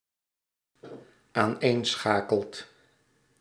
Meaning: second/third-person singular dependent-clause present indicative of aaneenschakelen
- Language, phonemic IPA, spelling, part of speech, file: Dutch, /anˈensxakəlt/, aaneenschakelt, verb, Nl-aaneenschakelt.ogg